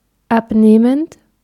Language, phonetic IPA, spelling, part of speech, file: German, [ˈapˌneːmənt], abnehmend, verb, De-abnehmend.ogg
- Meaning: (verb) present participle of abnehmen; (adjective) decreasing, declining, waning, shrinking